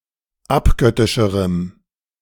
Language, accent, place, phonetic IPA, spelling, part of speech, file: German, Germany, Berlin, [ˈapˌɡœtɪʃəʁəm], abgöttischerem, adjective, De-abgöttischerem.ogg
- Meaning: strong dative masculine/neuter singular comparative degree of abgöttisch